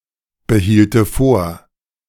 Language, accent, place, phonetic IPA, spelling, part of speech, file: German, Germany, Berlin, [bəˌhiːltə ˈfoːɐ̯], behielte vor, verb, De-behielte vor.ogg
- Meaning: first/third-person singular subjunctive II of vorbehalten